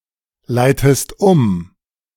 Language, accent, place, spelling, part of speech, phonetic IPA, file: German, Germany, Berlin, leitest um, verb, [ˌlaɪ̯təst ˈʊm], De-leitest um.ogg
- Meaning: inflection of umleiten: 1. second-person singular present 2. second-person singular subjunctive I